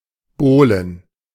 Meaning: plural of Bowle
- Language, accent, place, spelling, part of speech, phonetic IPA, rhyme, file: German, Germany, Berlin, Bowlen, noun, [ˈboːlən], -oːlən, De-Bowlen.ogg